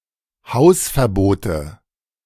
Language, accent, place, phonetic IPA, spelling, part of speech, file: German, Germany, Berlin, [ˈhaʊ̯sfɛɐ̯ˌboːtə], Hausverbote, noun, De-Hausverbote.ogg
- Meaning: nominative/accusative/genitive plural of Hausverbot